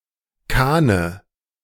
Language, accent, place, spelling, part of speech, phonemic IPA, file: German, Germany, Berlin, Kahne, noun, /ˈkaːnə/, De-Kahne.ogg
- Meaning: dative singular of Kahn